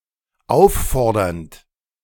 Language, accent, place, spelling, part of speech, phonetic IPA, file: German, Germany, Berlin, auffordernd, verb, [ˈaʊ̯fˌfɔʁdɐnt], De-auffordernd.ogg
- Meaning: present participle of auffordern